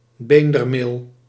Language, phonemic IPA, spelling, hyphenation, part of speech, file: Dutch, /ˈbeːn.dərˌmeːl/, beendermeel, been‧der‧meel, noun, Nl-beendermeel.ogg
- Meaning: bone meal